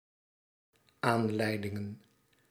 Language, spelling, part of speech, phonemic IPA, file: Dutch, aanleidingen, noun, /ˈanlɛidɪŋə(n)/, Nl-aanleidingen.ogg
- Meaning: plural of aanleiding